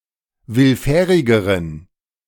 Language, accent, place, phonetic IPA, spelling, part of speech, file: German, Germany, Berlin, [ˈvɪlˌfɛːʁɪɡəʁən], willfährigeren, adjective, De-willfährigeren.ogg
- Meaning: inflection of willfährig: 1. strong genitive masculine/neuter singular comparative degree 2. weak/mixed genitive/dative all-gender singular comparative degree